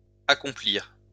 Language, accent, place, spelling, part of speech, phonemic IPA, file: French, France, Lyon, accomplirent, verb, /a.kɔ̃.pliʁ/, LL-Q150 (fra)-accomplirent.wav
- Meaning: third-person plural past historic of accomplir